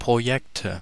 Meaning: nominative/accusative/genitive plural of Projekt
- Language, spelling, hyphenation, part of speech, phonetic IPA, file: German, Projekte, Pro‧jek‧te, noun, [pʁoˈjɛktə], De-Projekte.ogg